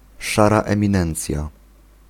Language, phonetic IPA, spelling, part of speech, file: Polish, [ˈʃara ˌɛ̃mʲĩˈnɛ̃nt͡sʲja], szara eminencja, noun, Pl-szara eminencja.ogg